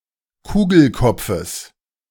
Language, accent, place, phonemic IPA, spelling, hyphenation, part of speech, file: German, Germany, Berlin, /ˈkuːɡl̩ˌkɔp͡fəs/, Kugelkopfes, Ku‧gel‧kop‧fes, noun, De-Kugelkopfes.ogg
- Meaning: genitive singular of Kugelkopf